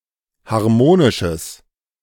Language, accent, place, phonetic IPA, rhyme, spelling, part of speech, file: German, Germany, Berlin, [haʁˈmoːnɪʃəs], -oːnɪʃəs, harmonisches, adjective, De-harmonisches.ogg
- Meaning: strong/mixed nominative/accusative neuter singular of harmonisch